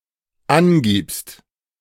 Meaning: second-person singular dependent present of angeben
- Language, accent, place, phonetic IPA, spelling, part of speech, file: German, Germany, Berlin, [ˈanˌɡiːpst], angibst, verb, De-angibst.ogg